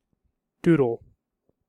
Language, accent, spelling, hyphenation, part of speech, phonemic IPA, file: English, General American, doodle, doo‧dle, noun / verb, /ˈdud(ə)l/, En-us-doodle.ogg
- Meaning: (noun) 1. A fool, a simpleton, a mindless person 2. A small mindless sketch, etc 3. The penis; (verb) 1. To draw or scribble aimlessly 2. To engage in something non-seriously; fiddle